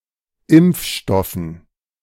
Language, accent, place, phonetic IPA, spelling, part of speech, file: German, Germany, Berlin, [ˈɪmp͡fˌʃtɔfn̩], Impfstoffen, noun, De-Impfstoffen.ogg
- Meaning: dative plural of Impfstoff